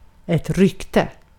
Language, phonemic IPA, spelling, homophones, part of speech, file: Swedish, /²rʏktɛ/, rykte, ryckte, noun, Sv-rykte.ogg
- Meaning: 1. a rumor 2. reputation